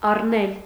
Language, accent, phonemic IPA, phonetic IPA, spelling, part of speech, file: Armenian, Eastern Armenian, /ɑrˈnel/, [ɑrnél], առնել, verb, Hy-առնել.ogg
- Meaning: 1. to take 2. to buy, to purchase 3. to take as a wife, to marry 4. to seize, to capture (a city, fortress, etc.) 5. to assume, to accept